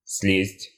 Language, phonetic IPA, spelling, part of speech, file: Russian, [s⁽ʲ⁾lʲesʲtʲ], слезть, verb, Ru-слезть.ogg
- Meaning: 1. to come down, to get down (from), to dismount (from) 2. to come down 3. (from a train, bus etc) to get out (of), to get off 4. to peel off, to come off